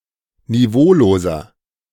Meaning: 1. comparative degree of niveaulos 2. inflection of niveaulos: strong/mixed nominative masculine singular 3. inflection of niveaulos: strong genitive/dative feminine singular
- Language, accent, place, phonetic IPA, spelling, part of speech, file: German, Germany, Berlin, [niˈvoːloːzɐ], niveauloser, adjective, De-niveauloser.ogg